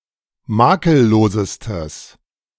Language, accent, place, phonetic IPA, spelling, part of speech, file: German, Germany, Berlin, [ˈmaːkəlˌloːzəstəs], makellosestes, adjective, De-makellosestes.ogg
- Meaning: strong/mixed nominative/accusative neuter singular superlative degree of makellos